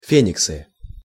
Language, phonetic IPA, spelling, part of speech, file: Russian, [ˈfʲenʲɪksɨ], фениксы, noun, Ru-фениксы.ogg
- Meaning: nominative plural of фе́никс (féniks)